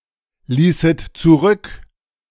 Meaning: second-person plural subjunctive II of zurücklassen
- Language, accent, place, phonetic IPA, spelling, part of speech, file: German, Germany, Berlin, [ˌliːsət t͡suˈʁʏk], ließet zurück, verb, De-ließet zurück.ogg